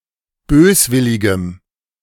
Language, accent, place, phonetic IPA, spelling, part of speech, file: German, Germany, Berlin, [ˈbøːsˌvɪlɪɡəm], böswilligem, adjective, De-böswilligem.ogg
- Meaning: strong dative masculine/neuter singular of böswillig